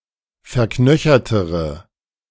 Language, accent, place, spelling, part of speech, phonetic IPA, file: German, Germany, Berlin, verknöchertere, adjective, [fɛɐ̯ˈknœçɐtəʁə], De-verknöchertere.ogg
- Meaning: inflection of verknöchert: 1. strong/mixed nominative/accusative feminine singular comparative degree 2. strong nominative/accusative plural comparative degree